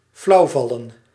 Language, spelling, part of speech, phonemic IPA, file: Dutch, flauwvallen, verb, /ˈflɑu̯vɑlə(n)/, Nl-flauwvallen.ogg
- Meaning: to faint